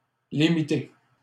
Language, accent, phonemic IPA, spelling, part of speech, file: French, Canada, /li.mi.te/, Ltée, noun, LL-Q150 (fra)-Ltée.wav
- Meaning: alternative form of Ltée